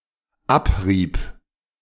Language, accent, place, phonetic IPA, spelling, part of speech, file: German, Germany, Berlin, [ˈapˌʁiːbə], abriebe, verb, De-abriebe.ogg
- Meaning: first/third-person singular dependent subjunctive II of abreiben